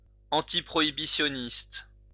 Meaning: antiprohibition
- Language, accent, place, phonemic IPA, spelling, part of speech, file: French, France, Lyon, /ɑ̃.ti.pʁɔ.i.bi.sjɔ.nist/, antiprohibitionniste, adjective, LL-Q150 (fra)-antiprohibitionniste.wav